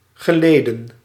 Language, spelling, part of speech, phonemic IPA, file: Dutch, geleden, adverb / verb / noun, /ɣə.ˈleː.də(n)/, Nl-geleden.ogg
- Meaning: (adverb) ago; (verb) past participle of lijden; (noun) plural of gelid